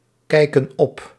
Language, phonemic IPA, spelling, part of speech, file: Dutch, /ˈkɛikə(n) ˈɔp/, kijken op, verb, Nl-kijken op.ogg
- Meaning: inflection of opkijken: 1. plural present indicative 2. plural present subjunctive